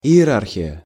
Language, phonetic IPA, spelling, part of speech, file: Russian, [ɪ(j)ɪˈrarxʲɪjə], иерархия, noun, Ru-иерархия.ogg
- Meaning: hierarchy